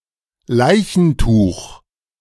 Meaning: shroud
- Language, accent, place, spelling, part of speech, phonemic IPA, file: German, Germany, Berlin, Leichentuch, noun, /ˈlaɪ̯çn̩tuːχ/, De-Leichentuch.ogg